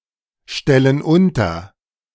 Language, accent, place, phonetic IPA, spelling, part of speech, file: German, Germany, Berlin, [ˌʃtɛlən ˈʊntɐ], stellen unter, verb, De-stellen unter.ogg
- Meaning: inflection of unterstellen: 1. first/third-person plural present 2. first/third-person plural subjunctive I